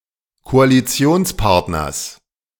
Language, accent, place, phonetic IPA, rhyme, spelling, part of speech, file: German, Germany, Berlin, [koaliˈt͡si̯oːnsˌpaʁtnɐs], -oːnspaʁtnɐs, Koalitionspartners, noun, De-Koalitionspartners.ogg
- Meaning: genitive singular of Koalitionspartner